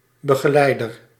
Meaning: 1. accompanier, escort 2. guide 3. tutor, mentor
- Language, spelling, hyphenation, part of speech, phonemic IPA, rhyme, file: Dutch, begeleider, be‧ge‧lei‧der, noun, /bə.ɣ(ə)ˈlɛi̯.dər/, -ɛi̯dər, Nl-begeleider.ogg